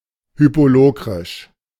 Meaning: Hypolocrian
- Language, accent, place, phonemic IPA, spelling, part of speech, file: German, Germany, Berlin, /ˈhyːpoːˌloːkʁɪʃ/, hypolokrisch, adjective, De-hypolokrisch.ogg